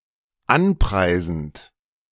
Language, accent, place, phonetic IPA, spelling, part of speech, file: German, Germany, Berlin, [ˈanˌpʁaɪ̯zn̩t], anpreisend, verb, De-anpreisend.ogg
- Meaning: present participle of anpreisen